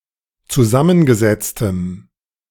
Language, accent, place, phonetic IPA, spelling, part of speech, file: German, Germany, Berlin, [t͡suˈzamənɡəˌzɛt͡stəm], zusammengesetztem, adjective, De-zusammengesetztem.ogg
- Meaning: strong dative masculine/neuter singular of zusammengesetzt